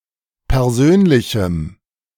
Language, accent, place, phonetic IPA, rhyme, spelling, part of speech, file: German, Germany, Berlin, [pɛʁˈzøːnlɪçm̩], -øːnlɪçm̩, persönlichem, adjective, De-persönlichem.ogg
- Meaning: strong dative masculine/neuter singular of persönlich